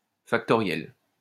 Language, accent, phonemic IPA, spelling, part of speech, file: French, France, /fak.tɔ.ʁjɛl/, factorielle, adjective / noun, LL-Q150 (fra)-factorielle.wav
- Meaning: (adjective) feminine singular of factoriel; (noun) factorial (mathematical operation or its result)